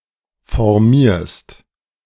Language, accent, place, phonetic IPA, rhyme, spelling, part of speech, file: German, Germany, Berlin, [fɔʁˈmiːɐ̯st], -iːɐ̯st, formierst, verb, De-formierst.ogg
- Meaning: second-person singular present of formieren